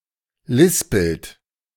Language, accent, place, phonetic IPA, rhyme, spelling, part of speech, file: German, Germany, Berlin, [ˈlɪspl̩t], -ɪspl̩t, lispelt, verb, De-lispelt.ogg
- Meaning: inflection of lispeln: 1. second-person plural present 2. third-person singular present 3. plural imperative